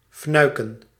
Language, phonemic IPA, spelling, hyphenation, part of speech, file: Dutch, /ˈfnœy̯kə(n)/, fnuiken, fnui‧ken, verb, Nl-fnuiken.ogg
- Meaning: to curtail, cripple, weaken, rein in